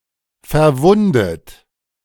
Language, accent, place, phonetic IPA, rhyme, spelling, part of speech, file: German, Germany, Berlin, [fɛɐ̯ˈvʊndət], -ʊndət, verwundet, adjective / verb, De-verwundet.ogg
- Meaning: past participle of verwunden